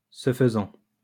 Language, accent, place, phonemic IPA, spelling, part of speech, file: French, France, Lyon, /sə f(ə).zɑ̃/, ce faisant, adverb, LL-Q150 (fra)-ce faisant.wav
- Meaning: in doing so, by so doing, thereby